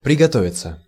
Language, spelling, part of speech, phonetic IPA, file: Russian, приготовиться, verb, [prʲɪɡɐˈtovʲɪt͡sə], Ru-приготовиться.ogg
- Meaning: 1. to get ready, to prepare oneself 2. passive of пригото́вить (prigotóvitʹ)